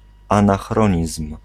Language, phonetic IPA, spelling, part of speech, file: Polish, [ˌãnaxˈrɔ̃ɲism̥], anachronizm, noun, Pl-anachronizm.ogg